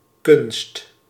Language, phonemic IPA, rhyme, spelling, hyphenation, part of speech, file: Dutch, /kʏnst/, -ʏnst, kunst, kunst, noun, Nl-kunst.ogg
- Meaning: 1. art 2. prowess, ability